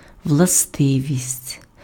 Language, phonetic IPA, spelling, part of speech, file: Ukrainian, [wɫɐˈstɪʋʲisʲtʲ], властивість, noun, Uk-властивість.ogg
- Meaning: property, feature, attribute